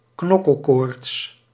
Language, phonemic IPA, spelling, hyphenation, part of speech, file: Dutch, /ˈknɔ.kəlˌkoːrts/, knokkelkoorts, knok‧kel‧koorts, noun, Nl-knokkelkoorts.ogg
- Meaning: dengue